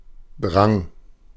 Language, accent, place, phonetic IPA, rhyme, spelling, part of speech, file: German, Germany, Berlin, [dʁaŋ], -aŋ, drang, verb, De-drang.ogg
- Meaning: first/third-person singular preterite of dringen